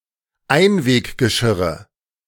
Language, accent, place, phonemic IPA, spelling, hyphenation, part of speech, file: German, Germany, Berlin, /ˈaɪ̯nveːkɡəˌʃɪʁə/, Einweggeschirre, Ein‧weg‧ge‧schir‧re, noun, De-Einweggeschirre.ogg
- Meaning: nominative/accusative/genitive plural of Einweggeschirr